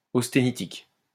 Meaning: austenitic
- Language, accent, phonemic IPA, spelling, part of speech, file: French, France, /os.te.ni.tik/, austénitique, adjective, LL-Q150 (fra)-austénitique.wav